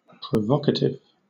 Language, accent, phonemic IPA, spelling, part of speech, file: English, Southern England, /pɹəˈvɒk.ə.tɪv/, provocative, adjective / noun, LL-Q1860 (eng)-provocative.wav
- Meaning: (adjective) 1. Serving or tending to elicit a strong, often negative sentiment in another person; exasperating 2. Serving or tending to excite, stimulate or arouse sexual interest; sexy